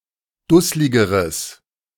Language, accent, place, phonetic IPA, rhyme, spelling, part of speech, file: German, Germany, Berlin, [ˈdʊslɪɡəʁəs], -ʊslɪɡəʁəs, dussligeres, adjective, De-dussligeres.ogg
- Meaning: strong/mixed nominative/accusative neuter singular comparative degree of dusslig